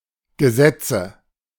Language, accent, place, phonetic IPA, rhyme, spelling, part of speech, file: German, Germany, Berlin, [ɡəˈzɛt͡sə], -ɛt͡sə, Gesetze, noun, De-Gesetze.ogg
- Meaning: 1. nominative/accusative/genitive plural of Gesetz 2. obsolete form of Gesetz